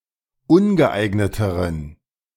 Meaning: inflection of ungeeignet: 1. strong genitive masculine/neuter singular comparative degree 2. weak/mixed genitive/dative all-gender singular comparative degree
- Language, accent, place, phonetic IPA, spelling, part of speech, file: German, Germany, Berlin, [ˈʊnɡəˌʔaɪ̯ɡnətəʁən], ungeeigneteren, adjective, De-ungeeigneteren.ogg